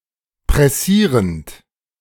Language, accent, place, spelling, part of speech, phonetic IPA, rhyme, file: German, Germany, Berlin, pressierend, verb, [pʁɛˈsiːʁənt], -iːʁənt, De-pressierend.ogg
- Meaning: present participle of pressieren